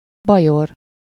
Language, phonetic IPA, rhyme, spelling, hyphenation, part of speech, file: Hungarian, [ˈbɒjor], -or, bajor, ba‧jor, adjective / noun, Hu-bajor.ogg
- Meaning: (adjective) Bavarian; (noun) 1. Bavarian (person) 2. Bavarian (dialect)